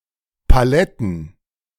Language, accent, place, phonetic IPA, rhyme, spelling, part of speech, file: German, Germany, Berlin, [paˈlɛtn̩], -ɛtn̩, Paletten, noun, De-Paletten.ogg
- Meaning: plural of Palette